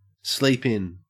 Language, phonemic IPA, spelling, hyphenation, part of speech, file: English, /ˌsliːp ˈɪn/, sleep in, sleep in, verb, En-au-sleep in.ogg
- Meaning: 1. To sleep late; to go on sleeping past one's customary or planned hour 2. Used other than figuratively or idiomatically: see sleep, in